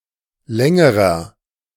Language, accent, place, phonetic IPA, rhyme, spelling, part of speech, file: German, Germany, Berlin, [ˈlɛŋəʁɐ], -ɛŋəʁɐ, längerer, adjective, De-längerer.ogg
- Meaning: inflection of lang: 1. strong/mixed nominative masculine singular comparative degree 2. strong genitive/dative feminine singular comparative degree 3. strong genitive plural comparative degree